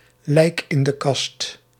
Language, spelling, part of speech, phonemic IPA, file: Dutch, lijk in de kast, noun, /lɛi̯k ɪn də kɑst/, Nl-lijk in de kast.ogg
- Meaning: 1. skeleton in the cupboard (UK), skeleton in the closet (US) (sordid or shameful secret) 2. Used other than figuratively or idiomatically: see lijk, in, de, kast